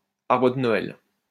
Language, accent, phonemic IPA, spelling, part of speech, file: French, France, /aʁ.bʁə d(ə) nɔ.ɛl/, arbre de Noël, noun, LL-Q150 (fra)-arbre de Noël.wav
- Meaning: a Christmas tree (usually conifer), tree set up during the Christmas holiday season